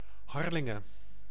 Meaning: Harlingen (a city and municipality of Friesland, Netherlands)
- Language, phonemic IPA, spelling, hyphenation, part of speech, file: Dutch, /ˈɦɑr.lɪ.ŋə(n)/, Harlingen, Har‧lin‧gen, proper noun, Nl-Harlingen.ogg